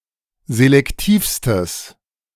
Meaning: strong/mixed nominative/accusative neuter singular superlative degree of selektiv
- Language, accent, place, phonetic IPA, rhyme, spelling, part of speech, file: German, Germany, Berlin, [zelɛkˈtiːfstəs], -iːfstəs, selektivstes, adjective, De-selektivstes.ogg